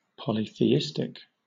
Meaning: Of or relating to polytheism
- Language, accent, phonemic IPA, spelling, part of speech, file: English, Southern England, /ˌpɒlɪθiːˈɪstɪk/, polytheistic, adjective, LL-Q1860 (eng)-polytheistic.wav